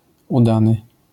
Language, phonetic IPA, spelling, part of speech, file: Polish, [uˈdanɨ], udany, adjective, LL-Q809 (pol)-udany.wav